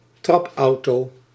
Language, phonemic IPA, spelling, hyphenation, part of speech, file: Dutch, /ˈtrɑpˌɑu̯.toː/, trapauto, trap‧auto, noun, Nl-trapauto.ogg
- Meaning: a pedal car (children's toy car)